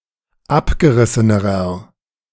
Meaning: inflection of abgerissen: 1. strong/mixed nominative masculine singular comparative degree 2. strong genitive/dative feminine singular comparative degree 3. strong genitive plural comparative degree
- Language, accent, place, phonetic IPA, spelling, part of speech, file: German, Germany, Berlin, [ˈapɡəˌʁɪsənəʁɐ], abgerissenerer, adjective, De-abgerissenerer.ogg